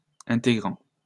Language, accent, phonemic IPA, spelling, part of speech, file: French, France, /ɛ̃.te.ɡʁɑ̃/, intégrant, verb / adjective, LL-Q150 (fra)-intégrant.wav
- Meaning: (verb) present participle of intégrer; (adjective) integral